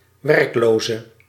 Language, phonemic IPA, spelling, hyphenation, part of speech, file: Dutch, /ʋɛrkˈloː.zə/, werkloze, werk‧lo‧ze, noun / adjective, Nl-werkloze.ogg
- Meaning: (noun) an unemployed person; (adjective) inflection of werkloos: 1. masculine/feminine singular attributive 2. definite neuter singular attributive 3. plural attributive